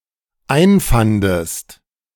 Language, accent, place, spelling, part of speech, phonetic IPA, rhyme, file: German, Germany, Berlin, einfandest, verb, [ˈaɪ̯nˌfandəst], -aɪ̯nfandəst, De-einfandest.ogg
- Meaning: second-person singular dependent preterite of einfinden